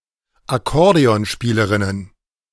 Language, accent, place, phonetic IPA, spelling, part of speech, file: German, Germany, Berlin, [aˈkɔʁdeɔnˌʃpiːləʁɪnən], Akkordeonspielerinnen, noun, De-Akkordeonspielerinnen.ogg
- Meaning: plural of Akkordeonspielerin